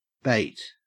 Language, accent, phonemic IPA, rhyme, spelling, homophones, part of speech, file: English, Australia, /beɪt/, -eɪt, bate, bait, verb / noun, En-au-bate.ogg
- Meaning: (verb) 1. To reduce the force of something; to abate 2. To restrain, usually with the sense of being in anticipation 3. To cut off, remove, take away 4. To leave out, except, bar 5. To waste away